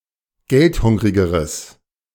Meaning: strong/mixed nominative/accusative neuter singular comparative degree of geldhungrig
- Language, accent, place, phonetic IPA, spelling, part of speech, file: German, Germany, Berlin, [ˈɡɛltˌhʊŋʁɪɡəʁəs], geldhungrigeres, adjective, De-geldhungrigeres.ogg